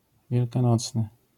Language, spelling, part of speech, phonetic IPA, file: Polish, wielkanocny, adjective, [ˌvʲjɛlkãˈnɔt͡snɨ], LL-Q809 (pol)-wielkanocny.wav